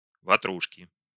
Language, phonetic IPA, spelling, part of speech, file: Russian, [vɐˈtruʂkʲɪ], ватрушки, noun, Ru-ватрушки.ogg
- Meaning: inflection of ватру́шка (vatrúška): 1. genitive singular 2. nominative/accusative plural